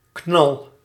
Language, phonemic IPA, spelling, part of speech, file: Dutch, /knɑl/, knal, noun / adjective / verb, Nl-knal.ogg
- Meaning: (noun) bang, short loud sound, crash; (verb) inflection of knallen: 1. first-person singular present indicative 2. second-person singular present indicative 3. imperative